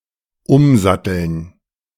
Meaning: 1. to change the saddle (of a horse etc.) 2. to switch (a profession etc.)
- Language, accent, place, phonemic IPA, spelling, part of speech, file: German, Germany, Berlin, /ˈʊmzatəln/, umsatteln, verb, De-umsatteln.ogg